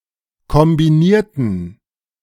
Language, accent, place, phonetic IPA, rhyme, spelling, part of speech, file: German, Germany, Berlin, [kɔmbiˈniːɐ̯tn̩], -iːɐ̯tn̩, kombinierten, adjective / verb, De-kombinierten.ogg
- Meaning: inflection of kombinieren: 1. first/third-person plural preterite 2. first/third-person plural subjunctive II